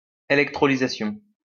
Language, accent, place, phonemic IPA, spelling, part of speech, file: French, France, Lyon, /e.lɛk.tʁɔ.li.za.sjɔ̃/, électrolysation, noun, LL-Q150 (fra)-électrolysation.wav
- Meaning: electrolyzation